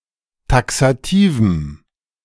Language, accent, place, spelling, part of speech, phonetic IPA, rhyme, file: German, Germany, Berlin, taxativem, adjective, [ˌtaksaˈtiːvm̩], -iːvm̩, De-taxativem.ogg
- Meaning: strong dative masculine/neuter singular of taxativ